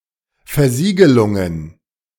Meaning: plural of Versiegelung
- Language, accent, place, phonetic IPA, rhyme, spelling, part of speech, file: German, Germany, Berlin, [fɛɐ̯ˈziːɡəlʊŋən], -iːɡəlʊŋən, Versiegelungen, noun, De-Versiegelungen.ogg